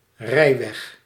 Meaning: road or portion of a road intended for use by (motorised) vehicles; roadway
- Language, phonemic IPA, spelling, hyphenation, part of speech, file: Dutch, /ˈrɛi̯.ʋɛx/, rijweg, rij‧weg, noun, Nl-rijweg.ogg